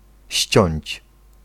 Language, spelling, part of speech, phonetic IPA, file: Polish, ściąć, verb, [ɕt͡ɕɔ̇̃ɲt͡ɕ], Pl-ściąć.ogg